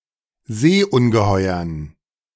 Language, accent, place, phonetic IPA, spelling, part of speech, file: German, Germany, Berlin, [ˈzeːʔʊnɡəˌhɔɪ̯ɐn], Seeungeheuern, noun, De-Seeungeheuern.ogg
- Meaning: dative plural of Seeungeheuer